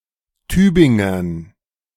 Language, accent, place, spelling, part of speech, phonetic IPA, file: German, Germany, Berlin, Tübingern, noun, [ˈtyːbɪŋɐn], De-Tübingern.ogg
- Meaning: dative plural of Tübinger